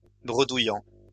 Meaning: present participle of bredouiller
- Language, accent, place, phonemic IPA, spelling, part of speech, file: French, France, Lyon, /bʁə.du.jɑ̃/, bredouillant, verb, LL-Q150 (fra)-bredouillant.wav